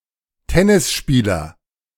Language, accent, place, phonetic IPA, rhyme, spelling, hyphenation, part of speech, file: German, Germany, Berlin, [ˈtɛnɪsˌʃpiːlɐ], -iːlɐ, Tennisspieler, Ten‧nis‧spie‧ler, noun, De-Tennisspieler.ogg
- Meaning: tennis player (male or of unspecified sex)